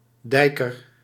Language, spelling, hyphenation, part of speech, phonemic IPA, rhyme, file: Dutch, dijker, dij‧ker, noun, /ˈdɛi̯.kər/, -ɛi̯kər, Nl-dijker.ogg
- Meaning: a type of working-class nozem from Amsterdam inspired by pop culture and rock 'n' roll, similar to a rocker